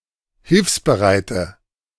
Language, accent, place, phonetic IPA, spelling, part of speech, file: German, Germany, Berlin, [ˈhɪlfsbəˌʁaɪ̯tə], hilfsbereite, adjective, De-hilfsbereite.ogg
- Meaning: inflection of hilfsbereit: 1. strong/mixed nominative/accusative feminine singular 2. strong nominative/accusative plural 3. weak nominative all-gender singular